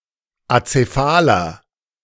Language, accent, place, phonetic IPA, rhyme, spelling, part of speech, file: German, Germany, Berlin, [at͡seˈfaːlɐ], -aːlɐ, azephaler, adjective, De-azephaler.ogg
- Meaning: inflection of azephal: 1. strong/mixed nominative masculine singular 2. strong genitive/dative feminine singular 3. strong genitive plural